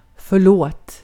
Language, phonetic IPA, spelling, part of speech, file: Swedish, [ˌfœ̞ˈɭoːt], förlåt, interjection / verb / noun, Sv-förlåt.ogg
- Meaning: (interjection) I'm sorry (when apologizing for having acted in a (morally) bad way); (verb) imperative of förlåta; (noun) a veil, a curtain (often in religious contexts)